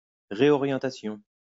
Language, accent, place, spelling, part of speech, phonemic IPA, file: French, France, Lyon, réorientation, noun, /ʁe.ɔ.ʁjɑ̃.ta.sjɔ̃/, LL-Q150 (fra)-réorientation.wav
- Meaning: 1. reorientation, redirection 2. change of course; career change